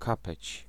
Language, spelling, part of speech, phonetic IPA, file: Polish, kapeć, noun, [ˈkapɛt͡ɕ], Pl-kapeć.ogg